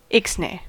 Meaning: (interjection) No; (noun) Nothing; nix; often in the phrase "ixnay on ...", indicating something that must not be mentioned, often in Pig Latin; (verb) To reject or cancel something; nix
- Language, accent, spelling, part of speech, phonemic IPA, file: English, US, ixnay, interjection / noun / verb, /ˈɪks(ˌ)neɪ/, En-us-ixnay.ogg